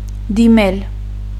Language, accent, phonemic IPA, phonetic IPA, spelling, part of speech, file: Armenian, Eastern Armenian, /diˈmel/, [dimél], դիմել, verb, Hy-դիմել.ogg
- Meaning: 1. to go to, head in the direction of 2. to apply to 3. to address to, refer to 4. to resort to, to have recourse to